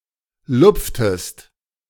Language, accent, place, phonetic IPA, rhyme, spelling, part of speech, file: German, Germany, Berlin, [ˈlʊp͡ftəst], -ʊp͡ftəst, lupftest, verb, De-lupftest.ogg
- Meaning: inflection of lupfen: 1. second-person singular preterite 2. second-person singular subjunctive II